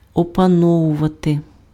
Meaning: 1. to master (become proficient in) 2. to master, to gain control over
- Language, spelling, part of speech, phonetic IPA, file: Ukrainian, опановувати, verb, [ɔpɐˈnɔwʊʋɐte], Uk-опановувати.ogg